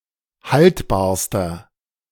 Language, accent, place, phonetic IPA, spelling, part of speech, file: German, Germany, Berlin, [ˈhaltbaːɐ̯stɐ], haltbarster, adjective, De-haltbarster.ogg
- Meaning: inflection of haltbar: 1. strong/mixed nominative masculine singular superlative degree 2. strong genitive/dative feminine singular superlative degree 3. strong genitive plural superlative degree